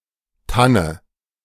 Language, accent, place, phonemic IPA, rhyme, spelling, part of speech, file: German, Germany, Berlin, /ˈtanə/, -anə, Tanne, noun, De-Tanne.ogg
- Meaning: fir (genus Abies)